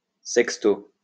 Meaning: 6th (abbreviation of sexto)
- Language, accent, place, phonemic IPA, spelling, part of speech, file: French, France, Lyon, /sɛk.sto/, 6o, adverb, LL-Q150 (fra)-6o.wav